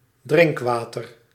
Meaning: drinking water
- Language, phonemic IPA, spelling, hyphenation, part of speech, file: Dutch, /ˈdrɪŋkˌʋaː.tər/, drinkwater, drink‧wa‧ter, noun, Nl-drinkwater.ogg